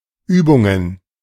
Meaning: plural of Übung
- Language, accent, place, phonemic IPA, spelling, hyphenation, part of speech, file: German, Germany, Berlin, /ˈʔyːbʊŋən/, Übungen, Übun‧gen, noun, De-Übungen.ogg